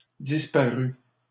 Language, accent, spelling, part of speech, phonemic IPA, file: French, Canada, disparus, verb / adjective, /dis.pa.ʁy/, LL-Q150 (fra)-disparus.wav
- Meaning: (verb) 1. first/second-person singular past historic of disparaître 2. masculine plural of disparu; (adjective) plural of disparu